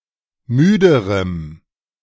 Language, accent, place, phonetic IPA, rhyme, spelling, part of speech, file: German, Germany, Berlin, [ˈmyːdəʁəm], -yːdəʁəm, müderem, adjective, De-müderem.ogg
- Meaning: strong dative masculine/neuter singular comparative degree of müde